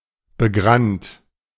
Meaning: bristled, bearded
- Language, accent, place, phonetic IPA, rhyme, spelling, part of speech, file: German, Germany, Berlin, [bəˈɡʁant], -ant, begrannt, adjective, De-begrannt.ogg